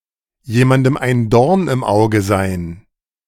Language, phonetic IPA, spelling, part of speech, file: German, [ˌjeːmandm̩ aɪ̯n ˈdɔʁn ɪm ˌaʊ̯ɡə zaɪ̯n], jemandem ein Dorn im Auge sein, phrase, De-jemandem ein Dorn im Auge sein.ogg